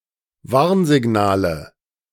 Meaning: nominative/accusative/genitive plural of Warnsignal
- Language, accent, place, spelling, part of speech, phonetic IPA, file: German, Germany, Berlin, Warnsignale, noun, [ˈvaʁnzɪˌɡnaːlə], De-Warnsignale.ogg